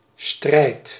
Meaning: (noun) 1. conflict, strife 2. battle, active fighting, warfare; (verb) inflection of strijden: 1. first-person singular present indicative 2. second-person singular present indicative 3. imperative
- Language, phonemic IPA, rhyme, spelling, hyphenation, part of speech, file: Dutch, /strɛi̯t/, -ɛi̯t, strijd, strijd, noun / verb, Nl-strijd.ogg